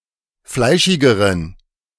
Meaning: inflection of fleischig: 1. strong genitive masculine/neuter singular comparative degree 2. weak/mixed genitive/dative all-gender singular comparative degree
- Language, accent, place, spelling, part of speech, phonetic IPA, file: German, Germany, Berlin, fleischigeren, adjective, [ˈflaɪ̯ʃɪɡəʁən], De-fleischigeren.ogg